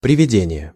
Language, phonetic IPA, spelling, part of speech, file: Russian, [prʲɪvʲɪˈdʲenʲɪje], приведение, noun, Ru-приведение.ogg
- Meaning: 1. bringing, leading 2. reduction